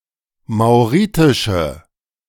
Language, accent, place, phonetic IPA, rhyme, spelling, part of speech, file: German, Germany, Berlin, [maʊ̯ˈʁiːtɪʃə], -iːtɪʃə, mauritische, adjective, De-mauritische.ogg
- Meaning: inflection of mauritisch: 1. strong/mixed nominative/accusative feminine singular 2. strong nominative/accusative plural 3. weak nominative all-gender singular